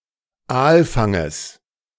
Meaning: genitive singular of Aalfang
- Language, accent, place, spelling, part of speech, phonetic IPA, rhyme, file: German, Germany, Berlin, Aalfanges, noun, [ˈaːlˌfaŋəs], -aːlfaŋəs, De-Aalfanges.ogg